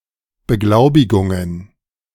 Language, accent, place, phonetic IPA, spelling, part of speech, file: German, Germany, Berlin, [bəˈɡlaʊ̯bɪɡʊŋən], Beglaubigungen, noun, De-Beglaubigungen.ogg
- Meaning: plural of Beglaubigung